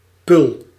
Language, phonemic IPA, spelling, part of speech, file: Dutch, /pʏl/, pul, noun, Nl-pul.ogg
- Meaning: 1. tankard 2. duckling, or, more broadly, any young bird